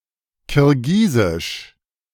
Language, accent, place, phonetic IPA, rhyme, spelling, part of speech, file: German, Germany, Berlin, [kɪʁˈɡiːzɪʃ], -iːzɪʃ, Kirgisisch, noun, De-Kirgisisch.ogg
- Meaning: Kyrgyz (language)